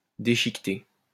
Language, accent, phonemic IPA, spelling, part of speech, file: French, France, /de.ʃik.te/, déchiqueter, verb, LL-Q150 (fra)-déchiqueter.wav
- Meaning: 1. to rip up (into small pieces) 2. to cut up (into small pieces)